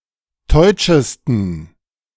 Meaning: 1. superlative degree of teutsch 2. inflection of teutsch: strong genitive masculine/neuter singular superlative degree
- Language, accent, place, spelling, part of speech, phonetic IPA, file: German, Germany, Berlin, teutschesten, adjective, [ˈtɔɪ̯t͡ʃəstn̩], De-teutschesten.ogg